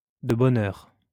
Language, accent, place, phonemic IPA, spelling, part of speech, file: French, France, Lyon, /də bɔn œʁ/, de bonne heure, adverb, LL-Q150 (fra)-de bonne heure.wav
- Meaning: 1. in advance; ahead of time 2. early in the morning